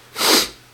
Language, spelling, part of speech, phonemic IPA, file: Dutch, Ethiopiër, noun, /ˌeː.tiˈoː.pi.ər/, Nl-Ethiopiër.ogg
- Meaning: Ethiopian